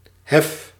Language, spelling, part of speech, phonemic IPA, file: Dutch, hef, noun / verb, /ɦɛf/, Nl-hef.ogg
- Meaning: inflection of heffen: 1. first-person singular present indicative 2. second-person singular present indicative 3. imperative